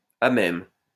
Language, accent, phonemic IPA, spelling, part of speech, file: French, France, /a mɛm/, à même, preposition, LL-Q150 (fra)-à même.wav
- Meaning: directly on, directly from; in contact with